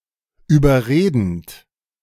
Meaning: present participle of überreden
- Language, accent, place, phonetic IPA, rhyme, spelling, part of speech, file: German, Germany, Berlin, [yːbɐˈʁeːdn̩t], -eːdn̩t, überredend, verb, De-überredend.ogg